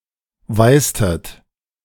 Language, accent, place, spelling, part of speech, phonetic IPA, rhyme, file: German, Germany, Berlin, weißtet, verb, [ˈvaɪ̯stət], -aɪ̯stət, De-weißtet.ogg
- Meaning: inflection of weißen: 1. second-person plural preterite 2. second-person plural subjunctive II